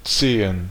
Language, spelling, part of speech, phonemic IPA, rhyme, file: German, Zehen, noun, /ˈtseːən/, -eːən, De-Zehen.ogg
- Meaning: 1. plural of Zeh 2. plural of Zehe